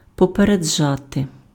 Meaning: 1. to notify in advance, to give notice to, to let know beforehand 2. to warn, to forewarn
- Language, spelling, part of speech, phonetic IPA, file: Ukrainian, попереджати, verb, [pɔpereˈd͡ʒate], Uk-попереджати.ogg